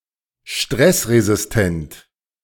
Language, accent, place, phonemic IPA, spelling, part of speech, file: German, Germany, Berlin, /ˈʃtʁɛsʁezɪsˌtɛnt/, stressresistent, adjective, De-stressresistent.ogg
- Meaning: stress-resistent